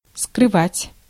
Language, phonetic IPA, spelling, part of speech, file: Russian, [skrɨˈvatʲ], скрывать, verb, Ru-скрывать.ogg
- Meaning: 1. to hide, to conceal 2. to dissemble, to keep back 3. to keep secret